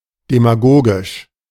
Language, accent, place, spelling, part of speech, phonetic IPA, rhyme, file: German, Germany, Berlin, demagogisch, adjective, [demaˈɡoːɡɪʃ], -oːɡɪʃ, De-demagogisch.ogg
- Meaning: demagogic